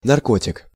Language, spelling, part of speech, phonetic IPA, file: Russian, наркотик, noun, [nɐrˈkotʲɪk], Ru-наркотик.ogg
- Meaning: 1. narcotic 2. drug, dope